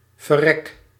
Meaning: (verb) inflection of verrekken: 1. first-person singular present indicative 2. second-person singular present indicative 3. imperative
- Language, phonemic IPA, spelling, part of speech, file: Dutch, /vəˈrɛk/, verrek, verb / interjection, Nl-verrek.ogg